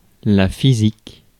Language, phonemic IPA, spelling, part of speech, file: French, /fi.zik/, physique, adjective / noun, Fr-physique.ogg
- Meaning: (adjective) physical, sportive; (noun) 1. physique 2. physics